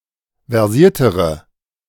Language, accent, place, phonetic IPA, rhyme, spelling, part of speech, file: German, Germany, Berlin, [vɛʁˈziːɐ̯təʁə], -iːɐ̯təʁə, versiertere, adjective, De-versiertere.ogg
- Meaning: inflection of versiert: 1. strong/mixed nominative/accusative feminine singular comparative degree 2. strong nominative/accusative plural comparative degree